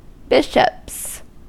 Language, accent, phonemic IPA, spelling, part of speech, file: English, US, /ˈbɪʃəps/, bishops, noun / verb, En-us-bishops.ogg
- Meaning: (noun) plural of bishop; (verb) third-person singular simple present indicative of bishop